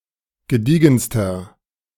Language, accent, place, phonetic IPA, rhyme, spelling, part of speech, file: German, Germany, Berlin, [ɡəˈdiːɡn̩stɐ], -iːɡn̩stɐ, gediegenster, adjective, De-gediegenster.ogg
- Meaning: inflection of gediegen: 1. strong/mixed nominative masculine singular superlative degree 2. strong genitive/dative feminine singular superlative degree 3. strong genitive plural superlative degree